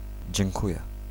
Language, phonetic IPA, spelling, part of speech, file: Polish, [d͡ʑɛ̃ŋˈkujɛ], dziękuję, interjection / verb, Pl-dziękuję.ogg